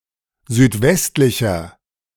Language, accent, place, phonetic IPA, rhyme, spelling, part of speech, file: German, Germany, Berlin, [zyːtˈvɛstlɪçɐ], -ɛstlɪçɐ, südwestlicher, adjective, De-südwestlicher.ogg
- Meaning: inflection of südwestlich: 1. strong/mixed nominative masculine singular 2. strong genitive/dative feminine singular 3. strong genitive plural